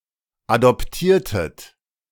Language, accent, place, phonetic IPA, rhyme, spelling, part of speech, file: German, Germany, Berlin, [adɔpˈtiːɐ̯tət], -iːɐ̯tət, adoptiertet, verb, De-adoptiertet.ogg
- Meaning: inflection of adoptieren: 1. second-person plural preterite 2. second-person plural subjunctive II